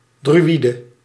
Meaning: druid
- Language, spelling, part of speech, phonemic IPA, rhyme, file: Dutch, druïde, noun, /dryˈidə/, -idə, Nl-druïde.ogg